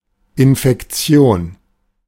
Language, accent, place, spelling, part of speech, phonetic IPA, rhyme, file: German, Germany, Berlin, Infektion, noun, [ɪnfɛkˈt͡si̯oːn], -oːn, De-Infektion.ogg
- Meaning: infection